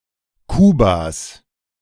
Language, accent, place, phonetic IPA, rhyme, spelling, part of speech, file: German, Germany, Berlin, [ˈkuːbas], -uːbas, Kubas, noun, De-Kubas.ogg
- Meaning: genitive singular of Kuba